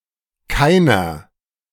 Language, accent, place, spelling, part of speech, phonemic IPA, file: German, Germany, Berlin, keiner, pronoun, /ˈkaɪ̯nɐ/, De-keiner.ogg
- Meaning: 1. none 2. no one, nobody 3. neither 4. feminine genitive/dative of kein 5. plural genitive of kein